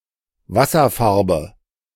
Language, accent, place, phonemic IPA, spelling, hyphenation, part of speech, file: German, Germany, Berlin, /ˈvasɐˌfaʁbə/, Wasserfarbe, Was‧ser‧far‧be, noun, De-Wasserfarbe.ogg
- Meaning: watercolour, watercolor